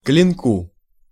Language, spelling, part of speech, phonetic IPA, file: Russian, клинку, noun, [klʲɪnˈku], Ru-клинку.ogg
- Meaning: dative singular of клино́к (klinók)